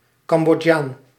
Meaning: Cambodian (person)
- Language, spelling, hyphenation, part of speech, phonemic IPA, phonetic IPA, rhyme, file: Dutch, Cambodjaan, Cam‧bod‧jaan, noun, /kɑm.bɔˈtjaːn/, [ˌkɑm.bɔˈca(ː)n], -aːn, Nl-Cambodjaan.ogg